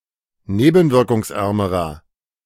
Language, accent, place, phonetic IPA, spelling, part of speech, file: German, Germany, Berlin, [ˈneːbn̩vɪʁkʊŋsˌʔɛʁməʁɐ], nebenwirkungsärmerer, adjective, De-nebenwirkungsärmerer.ogg
- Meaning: inflection of nebenwirkungsarm: 1. strong/mixed nominative masculine singular comparative degree 2. strong genitive/dative feminine singular comparative degree